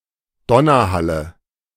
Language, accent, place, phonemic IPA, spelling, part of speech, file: German, Germany, Berlin, /ˈdɔnɐˌhalə/, Donnerhalle, noun, De-Donnerhalle.ogg
- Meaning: nominative genitive accusative plural of Donnerhall